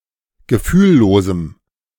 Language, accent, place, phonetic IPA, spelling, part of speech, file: German, Germany, Berlin, [ɡəˈfyːlˌloːzm̩], gefühllosem, adjective, De-gefühllosem.ogg
- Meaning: strong dative masculine/neuter singular of gefühllos